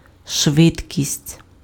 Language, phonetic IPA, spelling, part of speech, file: Ukrainian, [ˈʃʋɪdʲkʲisʲtʲ], швидкість, noun, Uk-швидкість.ogg
- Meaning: 1. speed 2. speediness, swiftness, quickness, rapidity, celerity 3. velocity